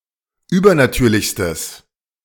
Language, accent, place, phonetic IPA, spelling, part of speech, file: German, Germany, Berlin, [ˈyːbɐnaˌtyːɐ̯lɪçstəs], übernatürlichstes, adjective, De-übernatürlichstes.ogg
- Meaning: strong/mixed nominative/accusative neuter singular superlative degree of übernatürlich